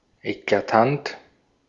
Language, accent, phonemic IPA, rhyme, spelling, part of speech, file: German, Austria, /eklaˈtant/, -ant, eklatant, adjective, De-at-eklatant.ogg
- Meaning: 1. striking 2. blatant